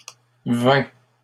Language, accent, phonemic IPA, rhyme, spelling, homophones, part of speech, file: French, Canada, /vɛ̃/, -ɛ̃, vainc, vain / vaincs / vains / vin / vingt / vingts / vins / vint / vînt, verb, LL-Q150 (fra)-vainc.wav
- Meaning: third-person singular present indicative of vaincre